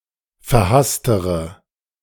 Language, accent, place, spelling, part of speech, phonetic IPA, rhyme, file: German, Germany, Berlin, verhasstere, adjective, [fɛɐ̯ˈhastəʁə], -astəʁə, De-verhasstere.ogg
- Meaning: inflection of verhasst: 1. strong/mixed nominative/accusative feminine singular comparative degree 2. strong nominative/accusative plural comparative degree